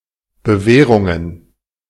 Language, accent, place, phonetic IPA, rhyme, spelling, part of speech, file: German, Germany, Berlin, [bəˈvɛːʁʊŋən], -ɛːʁʊŋən, Bewährungen, noun, De-Bewährungen.ogg
- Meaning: plural of Bewährung